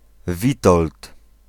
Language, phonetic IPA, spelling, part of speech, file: Polish, [ˈvʲitɔlt], Witold, proper noun, Pl-Witold.ogg